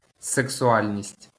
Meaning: sexuality (concern with or interest in sexual activity)
- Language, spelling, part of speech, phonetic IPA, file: Ukrainian, сексуальність, noun, [seksʊˈalʲnʲisʲtʲ], LL-Q8798 (ukr)-сексуальність.wav